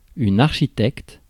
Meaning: architect (a designer of buildings)
- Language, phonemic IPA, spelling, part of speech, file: French, /aʁ.ʃi.tɛkt/, architecte, noun, Fr-architecte.ogg